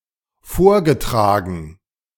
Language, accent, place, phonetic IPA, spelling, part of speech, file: German, Germany, Berlin, [ˈfoːɐ̯ɡəˌtʁaːɡn̩], vorgetragen, verb, De-vorgetragen.ogg
- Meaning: past participle of vortragen